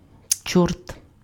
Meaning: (noun) devil, demon, Satan, evil spirit or force; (interjection) damn! hell!
- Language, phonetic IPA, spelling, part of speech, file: Ukrainian, [t͡ʃɔrt], чорт, noun / interjection, Uk-чорт.ogg